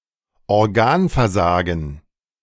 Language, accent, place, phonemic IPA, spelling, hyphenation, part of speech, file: German, Germany, Berlin, /ɔʁˈɡaːnfɛɐ̯ˌzaːɡn̩/, Organversagen, Or‧gan‧ver‧sa‧gen, noun, De-Organversagen.ogg
- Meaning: organ failure